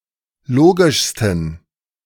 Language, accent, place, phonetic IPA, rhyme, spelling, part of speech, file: German, Germany, Berlin, [ˈloːɡɪʃstn̩], -oːɡɪʃstn̩, logischsten, adjective, De-logischsten.ogg
- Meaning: 1. superlative degree of logisch 2. inflection of logisch: strong genitive masculine/neuter singular superlative degree